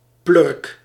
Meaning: a prick, an arse, a jerk
- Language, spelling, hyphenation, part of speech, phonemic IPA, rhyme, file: Dutch, plurk, plurk, noun, /plʏrk/, -ʏrk, Nl-plurk.ogg